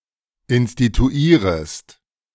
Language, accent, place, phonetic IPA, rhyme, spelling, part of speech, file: German, Germany, Berlin, [ɪnstituˈiːʁəst], -iːʁəst, instituierest, verb, De-instituierest.ogg
- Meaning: second-person singular subjunctive I of instituieren